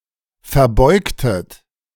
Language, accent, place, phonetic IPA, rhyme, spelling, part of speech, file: German, Germany, Berlin, [fɛɐ̯ˈbɔɪ̯ktət], -ɔɪ̯ktət, verbeugtet, verb, De-verbeugtet.ogg
- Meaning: inflection of verbeugen: 1. second-person plural preterite 2. second-person plural subjunctive II